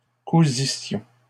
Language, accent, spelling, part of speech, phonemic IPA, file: French, Canada, cousissions, verb, /ku.zi.sjɔ̃/, LL-Q150 (fra)-cousissions.wav
- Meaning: first-person plural imperfect subjunctive of coudre